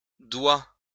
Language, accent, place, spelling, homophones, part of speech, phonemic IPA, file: French, France, Lyon, doit, doigt / doigts / doua / douas, verb, /dwa/, LL-Q150 (fra)-doit.wav
- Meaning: third-person singular present indicative of devoir: must, has to